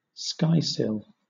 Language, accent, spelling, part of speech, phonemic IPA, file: English, Southern England, skysill, noun, /ˈskaɪˌsɪl/, LL-Q1860 (eng)-skysill.wav
- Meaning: Horizon